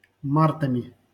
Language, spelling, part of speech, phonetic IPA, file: Russian, мартами, noun, [ˈmartəmʲɪ], LL-Q7737 (rus)-мартами.wav
- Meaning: instrumental plural of март (mart)